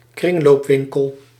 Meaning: thrift shop
- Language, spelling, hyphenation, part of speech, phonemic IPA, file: Dutch, kringloopwinkel, kring‧loop‧win‧kel, noun, /ˈkrɪŋloːpˌʋɪŋkəl/, Nl-kringloopwinkel.ogg